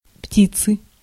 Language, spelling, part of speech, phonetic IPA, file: Russian, птицы, noun, [ˈptʲit͡sɨ], Ru-птицы.ogg
- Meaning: 1. inflection of пти́ца (ptíca) 2. inflection of пти́ца (ptíca): genitive singular 3. inflection of пти́ца (ptíca): nominative plural